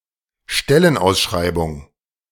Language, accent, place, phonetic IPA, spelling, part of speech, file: German, Germany, Berlin, [ˈʃtɛlənˌʔaʊ̯sʃʁaɪ̯bʊŋ], Stellenausschreibung, noun, De-Stellenausschreibung.ogg
- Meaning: job posting, job advertisement, advertisement of an available job